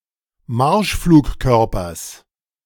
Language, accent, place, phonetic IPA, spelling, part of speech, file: German, Germany, Berlin, [ˈmaʁʃfluːkˌkœʁpɐs], Marschflugkörpers, noun, De-Marschflugkörpers.ogg
- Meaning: genitive singular of Marschflugkörper